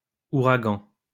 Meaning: plural of ouragan
- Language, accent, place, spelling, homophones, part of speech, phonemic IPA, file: French, France, Lyon, ouragans, ouragan, noun, /u.ʁa.ɡɑ̃/, LL-Q150 (fra)-ouragans.wav